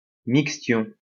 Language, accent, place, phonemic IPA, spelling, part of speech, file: French, France, Lyon, /mik.stjɔ̃/, mixtion, noun, LL-Q150 (fra)-mixtion.wav
- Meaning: mixtion (compound of drugs)